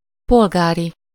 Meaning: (adjective) 1. civil, civic 2. civilian, civil (non-military); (noun) ellipsis of polgári iskola; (adjective) Of, from, or relating to Polgár; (noun) A person from Polgár
- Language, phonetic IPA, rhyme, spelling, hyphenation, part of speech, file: Hungarian, [ˈpolɡaːri], -ri, polgári, pol‧gá‧ri, adjective / noun, Hu-polgári.ogg